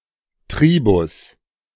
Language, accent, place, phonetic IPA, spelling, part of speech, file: German, Germany, Berlin, [ˈtʁiːbʊs], Tribus, noun, De-Tribus.ogg
- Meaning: 1. A taxonomic rank above family 2. Tribe (a rank between genus and subfamily)